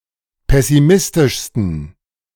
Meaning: 1. superlative degree of pessimistisch 2. inflection of pessimistisch: strong genitive masculine/neuter singular superlative degree
- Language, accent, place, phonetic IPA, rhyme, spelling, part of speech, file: German, Germany, Berlin, [ˌpɛsiˈmɪstɪʃstn̩], -ɪstɪʃstn̩, pessimistischsten, adjective, De-pessimistischsten.ogg